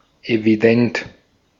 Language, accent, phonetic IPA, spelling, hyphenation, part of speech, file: German, Austria, [eviˈdɛnt], evident, evi‧dent, adjective, De-at-evident.ogg
- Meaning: evident